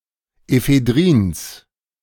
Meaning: genitive singular of Ephedrin
- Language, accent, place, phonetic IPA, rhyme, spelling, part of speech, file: German, Germany, Berlin, [efeˈdʁiːns], -iːns, Ephedrins, noun, De-Ephedrins.ogg